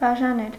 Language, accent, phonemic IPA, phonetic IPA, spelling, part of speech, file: Armenian, Eastern Armenian, /bɑʒɑˈnel/, [bɑʒɑnél], բաժանել, verb, Hy-բաժանել.ogg
- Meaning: 1. to divide 2. to separate 3. to give out, distribute, dole out 4. to divorce (to legally dissolve a marriage between two people)